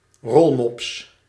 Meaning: 1. rollmop, rollmops (rolled herring, often with a filling of pickles and onions) 2. an obese human or animal
- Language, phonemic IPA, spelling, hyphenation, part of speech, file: Dutch, /ˈrɔl.mɔps/, rolmops, rol‧mops, noun, Nl-rolmops.ogg